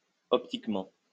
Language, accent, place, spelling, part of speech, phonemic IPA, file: French, France, Lyon, optiquement, adverb, /ɔp.tik.mɑ̃/, LL-Q150 (fra)-optiquement.wav
- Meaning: optically